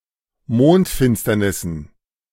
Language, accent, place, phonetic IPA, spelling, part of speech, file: German, Germany, Berlin, [ˈmoːntˌfɪnstɐnɪsn̩], Mondfinsternissen, noun, De-Mondfinsternissen.ogg
- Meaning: dative plural of Mondfinsternis